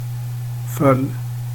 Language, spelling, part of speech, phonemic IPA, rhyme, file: Swedish, föll, verb, /ˈfœlː/, -œlː, Sv-föll.ogg
- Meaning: past indicative of falla